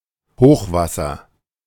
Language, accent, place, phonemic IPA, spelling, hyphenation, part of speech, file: German, Germany, Berlin, /ˈhoːxˌvasɐ/, Hochwasser, Hoch‧was‧ser, noun, De-Hochwasser.ogg
- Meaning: a very high water level in any body of water; high tide; high water; in the case of a river often, but not necessarily, implying flooding